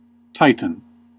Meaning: 1. Any of the race of giant gods in Greek mythology that preceded and was overthrown by the Olympian gods 2. Another name for Helios, a personification of the Sun
- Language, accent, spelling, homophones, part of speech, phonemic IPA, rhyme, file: English, US, Titan, tighten / titan, proper noun, /ˈtaɪtən/, -aɪtən, En-us-Titan.ogg